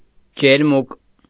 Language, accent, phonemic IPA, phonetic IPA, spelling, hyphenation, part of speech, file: Armenian, Eastern Armenian, /d͡ʒeɾˈmuk/, [d͡ʒeɾmúk], ջերմուկ, ջեր‧մուկ, noun / adjective, Hy-ջերմուկ.ogg
- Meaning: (noun) warm mineral waters or springs, thermals, baths; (adjective) warm (of mineral springs)